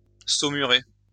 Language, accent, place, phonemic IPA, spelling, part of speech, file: French, France, Lyon, /so.my.ʁe/, saumurer, verb, LL-Q150 (fra)-saumurer.wav
- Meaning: to soak in brine